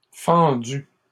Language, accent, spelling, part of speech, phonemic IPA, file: French, Canada, fendue, verb, /fɑ̃.dy/, LL-Q150 (fra)-fendue.wav
- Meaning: feminine singular of fendu